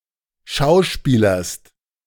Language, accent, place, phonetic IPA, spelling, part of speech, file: German, Germany, Berlin, [ˈʃaʊ̯ˌʃpiːlɐst], schauspielerst, verb, De-schauspielerst.ogg
- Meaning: second-person singular present of schauspielern